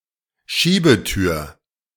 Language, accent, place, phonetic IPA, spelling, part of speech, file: German, Germany, Berlin, [ˈʃiːbəˌtyːɐ̯], Schiebetür, noun, De-Schiebetür.ogg
- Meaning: sliding door